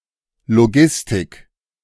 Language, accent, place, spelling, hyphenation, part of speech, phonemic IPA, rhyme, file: German, Germany, Berlin, Logistik, Lo‧gis‧tik, noun, /loˈɡɪstɪk/, -ɪstɪk, De-Logistik.ogg
- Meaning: logistics